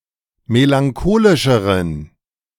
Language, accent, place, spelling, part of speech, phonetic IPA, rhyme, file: German, Germany, Berlin, melancholischeren, adjective, [melaŋˈkoːlɪʃəʁən], -oːlɪʃəʁən, De-melancholischeren.ogg
- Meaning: inflection of melancholisch: 1. strong genitive masculine/neuter singular comparative degree 2. weak/mixed genitive/dative all-gender singular comparative degree